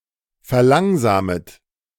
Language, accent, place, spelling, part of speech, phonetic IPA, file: German, Germany, Berlin, verlangsamet, verb, [fɛɐ̯ˈlaŋzaːmət], De-verlangsamet.ogg
- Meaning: second-person plural subjunctive I of verlangsamen